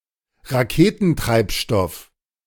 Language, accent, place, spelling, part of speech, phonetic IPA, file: German, Germany, Berlin, Raketentreibstoff, noun, [ʁaˈkeːtn̩ˌtʁaɪ̯pʃtɔf], De-Raketentreibstoff.ogg
- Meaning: rocket fuel